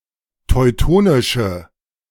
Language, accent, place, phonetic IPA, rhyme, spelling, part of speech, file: German, Germany, Berlin, [tɔɪ̯ˈtoːnɪʃə], -oːnɪʃə, teutonische, adjective, De-teutonische.ogg
- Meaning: inflection of teutonisch: 1. strong/mixed nominative/accusative feminine singular 2. strong nominative/accusative plural 3. weak nominative all-gender singular